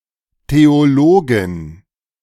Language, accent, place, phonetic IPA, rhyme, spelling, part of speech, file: German, Germany, Berlin, [teoˈloːɡɪn], -oːɡɪn, Theologin, noun, De-Theologin.ogg
- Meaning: theologian (female)